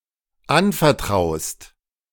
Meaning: second-person singular dependent present of anvertrauen
- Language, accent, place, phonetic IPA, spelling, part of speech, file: German, Germany, Berlin, [ˈanfɛɐ̯ˌtʁaʊ̯st], anvertraust, verb, De-anvertraust.ogg